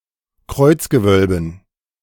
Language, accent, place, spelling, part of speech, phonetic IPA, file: German, Germany, Berlin, Kreuzgewölben, noun, [ˈkʁɔɪ̯t͡sɡəˌvœlbn̩], De-Kreuzgewölben.ogg
- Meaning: dative plural of Kreuzgewölbe